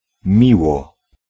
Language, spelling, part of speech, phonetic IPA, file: Polish, miło, adverb, [ˈmʲiwɔ], Pl-miło.ogg